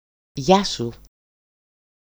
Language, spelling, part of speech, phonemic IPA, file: Greek, γεια σου, phrase, /ˈʝasu/, EL-γεια-σου.ogg
- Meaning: 1. hello, goodbye 2. your health